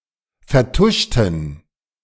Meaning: inflection of vertuschen: 1. first/third-person plural preterite 2. first/third-person plural subjunctive II
- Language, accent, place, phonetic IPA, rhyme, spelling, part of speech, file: German, Germany, Berlin, [fɛɐ̯ˈtʊʃtn̩], -ʊʃtn̩, vertuschten, adjective / verb, De-vertuschten.ogg